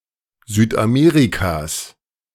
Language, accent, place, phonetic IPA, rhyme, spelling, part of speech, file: German, Germany, Berlin, [ˈzyːtʔaˈmeːʁikas], -eːʁikas, Südamerikas, noun, De-Südamerikas.ogg
- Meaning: genitive singular of Südamerika